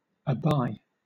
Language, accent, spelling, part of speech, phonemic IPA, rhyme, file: English, Southern England, aby, verb, /əˈbaɪ/, -aɪ, LL-Q1860 (eng)-aby.wav
- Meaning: 1. To pay the penalty for (something); to atone for, to make amends 2. To pay (something) as a penalty, to atone for; to suffer (something) 3. To endure or tolerate (something); to experience